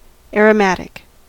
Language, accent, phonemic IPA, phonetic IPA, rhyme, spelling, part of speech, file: English, US, /ˌɛɹ.əˈmæt.ɪk/, [ˌɛɹ.əˈmæɾ.ɪk], -ætɪk, aromatic, adjective / noun, En-us-aromatic.ogg
- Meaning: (adjective) 1. Fragrant or spicy 2. Having a closed ring of alternate single and double bonds with delocalized electrons 3. Derived from benzene